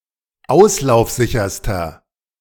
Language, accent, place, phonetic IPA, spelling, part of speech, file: German, Germany, Berlin, [ˈaʊ̯slaʊ̯fˌzɪçɐstɐ], auslaufsicherster, adjective, De-auslaufsicherster.ogg
- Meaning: inflection of auslaufsicher: 1. strong/mixed nominative masculine singular superlative degree 2. strong genitive/dative feminine singular superlative degree